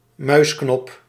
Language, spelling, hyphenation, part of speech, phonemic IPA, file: Dutch, muisknop, muis‧knop, noun, /ˈmœysknɔp/, Nl-muisknop.ogg
- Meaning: mouse button, a computer input device